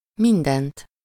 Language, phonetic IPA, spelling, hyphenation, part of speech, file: Hungarian, [ˈmindɛnt], mindent, min‧dent, pronoun, Hu-mindent.ogg
- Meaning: accusative singular of minden